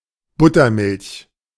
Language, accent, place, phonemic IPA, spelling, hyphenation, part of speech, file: German, Germany, Berlin, /ˈbʊtɐˌmɪlç/, Buttermilch, But‧ter‧milch, noun, De-Buttermilch.ogg
- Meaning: buttermilk (traditional buttermilk)